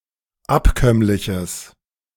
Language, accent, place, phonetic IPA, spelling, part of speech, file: German, Germany, Berlin, [ˈapˌkœmlɪçəs], abkömmliches, adjective, De-abkömmliches.ogg
- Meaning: strong/mixed nominative/accusative neuter singular of abkömmlich